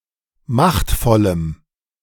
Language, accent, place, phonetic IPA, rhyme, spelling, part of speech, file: German, Germany, Berlin, [ˈmaxtfɔləm], -axtfɔləm, machtvollem, adjective, De-machtvollem.ogg
- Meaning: strong dative masculine/neuter singular of machtvoll